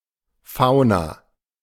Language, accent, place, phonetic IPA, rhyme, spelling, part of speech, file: German, Germany, Berlin, [ˈfaʊ̯na], -aʊ̯na, Fauna, noun / proper noun, De-Fauna.ogg
- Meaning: fauna